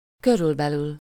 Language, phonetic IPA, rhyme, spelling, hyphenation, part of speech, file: Hungarian, [ˈkørylbɛlyl], -yl, körülbelül, kö‧rül‧be‧lül, adverb, Hu-körülbelül.oga
- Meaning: about, roughly, approximately